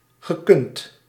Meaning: past participle of kunnen
- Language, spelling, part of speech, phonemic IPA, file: Dutch, gekund, verb, /ɣəˈkʏnt/, Nl-gekund.ogg